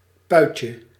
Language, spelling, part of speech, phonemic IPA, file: Dutch, puitje, noun, /ˈpœycə/, Nl-puitje.ogg
- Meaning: 1. diminutive of puit 2. diminutive of pui